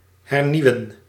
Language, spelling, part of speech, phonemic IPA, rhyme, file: Dutch, hernieuwen, verb, /ɦɛrˈniu̯.ən/, -iu̯ən, Nl-hernieuwen.ogg
- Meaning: to renew